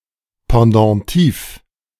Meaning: pendentive
- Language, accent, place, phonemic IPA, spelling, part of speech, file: German, Germany, Berlin, /pɑ̃dɑ̃tiːf/, Pendentif, noun, De-Pendentif.ogg